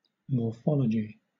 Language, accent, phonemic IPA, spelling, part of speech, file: English, Southern England, /mɔːˈfɒl.ə.d͡ʒi/, morphology, noun, LL-Q1860 (eng)-morphology.wav
- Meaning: A scientific study of form and structure, usually without regard to function. Especially: The study of the internal structure of morphemes (words and their semantic building blocks)